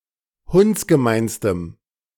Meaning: strong dative masculine/neuter singular superlative degree of hundsgemein
- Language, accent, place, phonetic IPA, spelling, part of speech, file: German, Germany, Berlin, [ˈhʊnt͡sɡəˌmaɪ̯nstəm], hundsgemeinstem, adjective, De-hundsgemeinstem.ogg